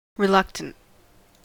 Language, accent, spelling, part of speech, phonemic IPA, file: English, US, reluctant, adjective, /ɹɪˈlʌktənt/, En-us-reluctant.ogg
- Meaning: 1. Not wanting to take some action; unwilling to do something 2. Contrary; defiant; refractory 3. Tending to match as little text as possible